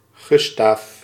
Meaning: a male given name, akin to Gustav
- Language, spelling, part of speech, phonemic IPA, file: Dutch, Gustaaf, proper noun, /ˈɣystaːf/, Nl-Gustaaf.ogg